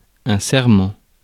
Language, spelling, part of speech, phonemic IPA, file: French, serment, noun, /sɛʁ.mɑ̃/, Fr-serment.ogg
- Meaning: oath, pledge